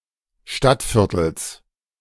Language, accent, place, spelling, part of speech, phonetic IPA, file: German, Germany, Berlin, Stadtviertels, noun, [ˈʃtatˌfɪʁtl̩s], De-Stadtviertels.ogg
- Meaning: genitive singular of Stadtviertel